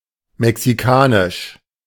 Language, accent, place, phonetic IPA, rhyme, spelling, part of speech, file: German, Germany, Berlin, [mɛksiˈkaːnɪʃ], -aːnɪʃ, mexikanisch, adjective, De-mexikanisch.ogg
- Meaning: Mexican